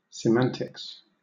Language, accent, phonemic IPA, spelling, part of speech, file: English, Southern England, /sɪˈmæntɪks/, semantics, noun, LL-Q1860 (eng)-semantics.wav
- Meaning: 1. A branch of linguistics studying the meaning of words 2. The study of the relationship between words and their meanings